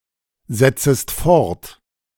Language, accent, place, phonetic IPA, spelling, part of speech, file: German, Germany, Berlin, [ˌzɛt͡səst ˈfɔʁt], setzest fort, verb, De-setzest fort.ogg
- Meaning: second-person singular subjunctive I of fortsetzen